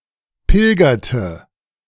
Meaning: inflection of pilgern: 1. first/third-person singular preterite 2. first/third-person singular subjunctive II
- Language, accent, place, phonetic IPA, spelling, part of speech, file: German, Germany, Berlin, [ˈpɪlɡɐtə], pilgerte, verb, De-pilgerte.ogg